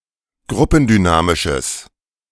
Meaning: strong/mixed nominative/accusative neuter singular of gruppendynamisch
- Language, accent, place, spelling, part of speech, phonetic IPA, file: German, Germany, Berlin, gruppendynamisches, adjective, [ˈɡʁʊpn̩dyˌnaːmɪʃəs], De-gruppendynamisches.ogg